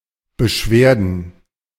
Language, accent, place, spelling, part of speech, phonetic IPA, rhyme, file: German, Germany, Berlin, Beschwerden, noun, [bəˈʃveːɐ̯dn̩], -eːɐ̯dn̩, De-Beschwerden.ogg
- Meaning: plural of Beschwerde